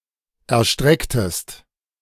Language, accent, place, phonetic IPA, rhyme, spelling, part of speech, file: German, Germany, Berlin, [ɛɐ̯ˈʃtʁɛktəst], -ɛktəst, erstrecktest, verb, De-erstrecktest.ogg
- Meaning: inflection of erstrecken: 1. second-person singular preterite 2. second-person singular subjunctive II